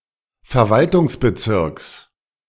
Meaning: genitive singular of Verwaltungsbezirk
- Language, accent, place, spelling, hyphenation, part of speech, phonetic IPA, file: German, Germany, Berlin, Verwaltungsbezirks, Ver‧wal‧tungs‧be‧zirks, noun, [fɛɐ̯ˈvaltʰʊŋsbəˌtsɪʁks], De-Verwaltungsbezirks.ogg